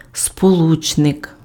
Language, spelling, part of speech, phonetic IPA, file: Ukrainian, сполучник, noun, [spoˈɫut͡ʃnek], Uk-сполучник.ogg
- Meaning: conjunction